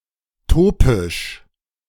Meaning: topical (applied to a particular part of the body)
- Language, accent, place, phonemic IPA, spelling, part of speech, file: German, Germany, Berlin, /ˈtoːpɪʃ/, topisch, adjective, De-topisch.ogg